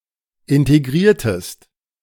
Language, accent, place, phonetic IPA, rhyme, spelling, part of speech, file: German, Germany, Berlin, [ˌɪnteˈɡʁiːɐ̯təst], -iːɐ̯təst, integriertest, verb, De-integriertest.ogg
- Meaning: inflection of integrieren: 1. second-person singular preterite 2. second-person singular subjunctive II